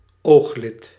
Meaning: eyelid
- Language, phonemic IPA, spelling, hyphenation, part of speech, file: Dutch, /ˈoːx.lɪt/, ooglid, oog‧lid, noun, Nl-ooglid.ogg